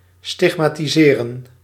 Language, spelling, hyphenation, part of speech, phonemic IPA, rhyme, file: Dutch, stigmatiseren, stig‧ma‧ti‧se‧ren, verb, /ˌstɪx.maː.tiˈzeːrən/, -eːrən, Nl-stigmatiseren.ogg
- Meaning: 1. to mark with the stigmata 2. to stigmatise/stigmatize (to consider or label as shameful)